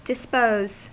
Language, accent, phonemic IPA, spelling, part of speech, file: English, US, /dɪsˈpoʊz/, dispose, verb / noun, En-us-dispose.ogg
- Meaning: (verb) 1. To eliminate or to get rid of something 2. To distribute or arrange; to put in place 3. To deal out; to assign to a use 4. To incline 5. To bargain; to make terms